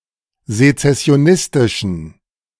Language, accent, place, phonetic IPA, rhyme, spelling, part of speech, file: German, Germany, Berlin, [zet͡sɛsi̯oˈnɪstɪʃn̩], -ɪstɪʃn̩, sezessionistischen, adjective, De-sezessionistischen.ogg
- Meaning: inflection of sezessionistisch: 1. strong genitive masculine/neuter singular 2. weak/mixed genitive/dative all-gender singular 3. strong/weak/mixed accusative masculine singular